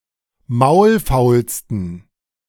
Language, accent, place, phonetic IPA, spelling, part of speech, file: German, Germany, Berlin, [ˈmaʊ̯lˌfaʊ̯lstn̩], maulfaulsten, adjective, De-maulfaulsten.ogg
- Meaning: 1. superlative degree of maulfaul 2. inflection of maulfaul: strong genitive masculine/neuter singular superlative degree